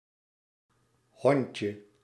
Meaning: 1. diminutive of hond 2. flatbed cart or trolley without any handles
- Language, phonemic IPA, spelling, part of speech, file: Dutch, /ˈhɔɲcə/, hondje, noun, Nl-hondje.ogg